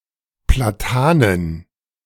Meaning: plural of Platane
- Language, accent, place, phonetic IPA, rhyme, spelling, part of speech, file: German, Germany, Berlin, [plaˈtaːnən], -aːnən, Platanen, noun, De-Platanen.ogg